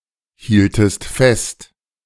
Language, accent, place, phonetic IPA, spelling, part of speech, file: German, Germany, Berlin, [ˌhiːltəst ˈfɛst], hieltest fest, verb, De-hieltest fest.ogg
- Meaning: second-person singular subjunctive I of festhalten